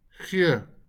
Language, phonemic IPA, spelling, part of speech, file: Afrikaans, /χɪə/, gee, verb, LL-Q14196 (afr)-gee.wav
- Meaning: to give